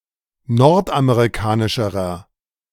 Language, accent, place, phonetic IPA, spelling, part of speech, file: German, Germany, Berlin, [ˈnɔʁtʔameʁiˌkaːnɪʃəʁɐ], nordamerikanischerer, adjective, De-nordamerikanischerer.ogg
- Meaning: inflection of nordamerikanisch: 1. strong/mixed nominative masculine singular comparative degree 2. strong genitive/dative feminine singular comparative degree